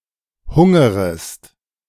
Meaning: second-person singular subjunctive I of hungern
- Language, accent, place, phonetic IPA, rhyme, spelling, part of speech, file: German, Germany, Berlin, [ˈhʊŋəʁəst], -ʊŋəʁəst, hungerest, verb, De-hungerest.ogg